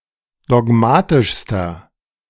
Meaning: inflection of dogmatisch: 1. strong/mixed nominative masculine singular superlative degree 2. strong genitive/dative feminine singular superlative degree 3. strong genitive plural superlative degree
- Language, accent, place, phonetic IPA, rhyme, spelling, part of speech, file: German, Germany, Berlin, [dɔˈɡmaːtɪʃstɐ], -aːtɪʃstɐ, dogmatischster, adjective, De-dogmatischster.ogg